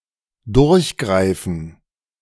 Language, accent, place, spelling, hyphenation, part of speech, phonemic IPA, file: German, Germany, Berlin, durchgreifen, durch‧grei‧fen, verb, /ˈdʊʁçˌɡʁaɪ̯fən/, De-durchgreifen.ogg
- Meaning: 1. to grasp through 2. to take action